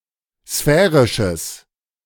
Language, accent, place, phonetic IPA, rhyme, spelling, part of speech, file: German, Germany, Berlin, [ˈsfɛːʁɪʃəs], -ɛːʁɪʃəs, sphärisches, adjective, De-sphärisches.ogg
- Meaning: strong/mixed nominative/accusative neuter singular of sphärisch